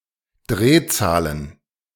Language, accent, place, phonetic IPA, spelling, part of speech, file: German, Germany, Berlin, [ˈdʁeːˌt͡saːlən], Drehzahlen, noun, De-Drehzahlen.ogg
- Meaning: plural of Drehzahl